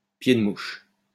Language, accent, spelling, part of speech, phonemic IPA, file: French, France, pied de mouche, noun, /pje d(ə) muʃ/, LL-Q150 (fra)-pied de mouche.wav
- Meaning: paragraph mark